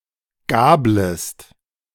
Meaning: second-person singular subjunctive I of gabeln
- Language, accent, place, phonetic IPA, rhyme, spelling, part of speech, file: German, Germany, Berlin, [ˈɡaːbləst], -aːbləst, gablest, verb, De-gablest.ogg